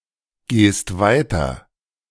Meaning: second-person singular present of weitergehen
- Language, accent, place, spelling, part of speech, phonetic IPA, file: German, Germany, Berlin, gehst weiter, verb, [ˌɡeːst ˈvaɪ̯tɐ], De-gehst weiter.ogg